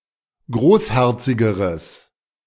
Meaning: strong/mixed nominative/accusative neuter singular comparative degree of großherzig
- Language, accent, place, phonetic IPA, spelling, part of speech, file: German, Germany, Berlin, [ˈɡʁoːsˌhɛʁt͡sɪɡəʁəs], großherzigeres, adjective, De-großherzigeres.ogg